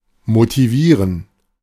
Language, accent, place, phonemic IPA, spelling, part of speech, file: German, Germany, Berlin, /motiˈviːʁən/, motivieren, verb, De-motivieren.ogg
- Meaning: to motivate (encourage)